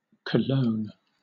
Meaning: 1. The currency of Costa Rica, divided into 100 céntimos 2. The former currency of El Salvador, divided into 100 centavos (cents), now replaced by the American dollar
- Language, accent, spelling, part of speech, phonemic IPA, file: English, Southern England, colón, noun, /kəˈloʊ̯n/, LL-Q1860 (eng)-colón.wav